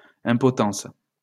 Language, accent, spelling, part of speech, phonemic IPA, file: French, France, impotence, noun, /ɛ̃.pɔ.tɑ̃s/, LL-Q150 (fra)-impotence.wav
- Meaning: powerlessness